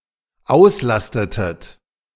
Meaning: inflection of auslasten: 1. second-person plural dependent preterite 2. second-person plural dependent subjunctive II
- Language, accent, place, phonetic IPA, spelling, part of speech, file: German, Germany, Berlin, [ˈaʊ̯sˌlastətət], auslastetet, verb, De-auslastetet.ogg